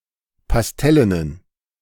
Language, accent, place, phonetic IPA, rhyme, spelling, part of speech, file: German, Germany, Berlin, [pasˈtɛlənən], -ɛlənən, pastellenen, adjective, De-pastellenen.ogg
- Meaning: inflection of pastellen: 1. strong genitive masculine/neuter singular 2. weak/mixed genitive/dative all-gender singular 3. strong/weak/mixed accusative masculine singular 4. strong dative plural